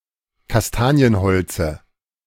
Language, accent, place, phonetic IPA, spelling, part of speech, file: German, Germany, Berlin, [kasˈtaːni̯ənˌhɔlt͡sə], Kastanienholze, noun, De-Kastanienholze.ogg
- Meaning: dative singular of Kastanienholz